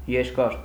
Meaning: 1. long 2. protracted, prolonged 3. lengthy
- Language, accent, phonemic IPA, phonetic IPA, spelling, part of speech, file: Armenian, Eastern Armenian, /jeɾˈkɑɾ/, [jeɾkɑ́ɾ], երկար, adjective, Hy-երկար.ogg